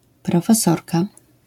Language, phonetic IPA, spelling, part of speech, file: Polish, [ˌprɔfɛˈsɔrka], profesorka, noun, LL-Q809 (pol)-profesorka.wav